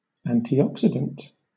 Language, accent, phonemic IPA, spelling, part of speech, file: English, Southern England, /ˌæntiˈɒksɪdənt/, antioxidant, noun / adjective, LL-Q1860 (eng)-antioxidant.wav
- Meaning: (noun) 1. Any substance that slows or prevents the oxidation of another chemical 2. One of a group of vitamins that act against the effects of free radicals